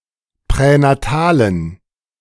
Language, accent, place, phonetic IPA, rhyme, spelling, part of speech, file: German, Germany, Berlin, [pʁɛnaˈtaːlən], -aːlən, pränatalen, adjective, De-pränatalen.ogg
- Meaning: inflection of pränatal: 1. strong genitive masculine/neuter singular 2. weak/mixed genitive/dative all-gender singular 3. strong/weak/mixed accusative masculine singular 4. strong dative plural